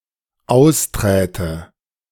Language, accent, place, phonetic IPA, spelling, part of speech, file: German, Germany, Berlin, [ˈaʊ̯sˌtʁɛːtə], austräte, verb, De-austräte.ogg
- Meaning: first/third-person singular dependent subjunctive II of austreten